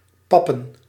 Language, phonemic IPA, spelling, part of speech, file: Dutch, /ˈpɑpə(n)/, pappen, verb / noun, Nl-pappen.ogg
- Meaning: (verb) to smear with paste; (noun) plural of pap